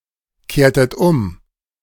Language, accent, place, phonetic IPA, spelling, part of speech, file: German, Germany, Berlin, [ˌkeːɐ̯tət ˈʊm], kehrtet um, verb, De-kehrtet um.ogg
- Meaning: inflection of umkehren: 1. second-person plural preterite 2. second-person plural subjunctive II